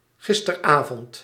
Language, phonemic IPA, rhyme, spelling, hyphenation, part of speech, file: Dutch, /ˌɣɪs.tə.rə(n)ˈaː.vɔnt/, -aːvɔnt, gisterenavond, gis‧te‧ren‧avond, adverb, Nl-gisterenavond.ogg
- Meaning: yesterday evening, last evening